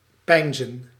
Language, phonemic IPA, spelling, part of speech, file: Dutch, /ˈpɛi̯nzə(n)/, peinzen, verb, Nl-peinzen.ogg
- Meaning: 1. to ponder, meditate 2. to think